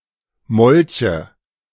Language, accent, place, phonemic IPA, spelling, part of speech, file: German, Germany, Berlin, /ˈmɔlçə/, Molche, noun, De-Molche.ogg
- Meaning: nominative/accusative/genitive plural of Molch